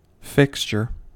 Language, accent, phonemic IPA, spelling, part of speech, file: English, US, /ˈfɪks.t͡ʃɚ/, fixture, noun / verb, En-us-fixture.ogg
- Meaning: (noun) Something that is fixed in place, especially a permanent appliance or other item of personal property that is considered part of a house and is sold with it; compare fitting, furnishing